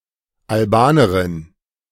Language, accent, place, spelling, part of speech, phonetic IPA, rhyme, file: German, Germany, Berlin, Albanerin, noun, [alˈbaːnəʁɪn], -aːnəʁɪn, De-Albanerin.ogg
- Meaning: Albanian (female), a girl or woman from Albania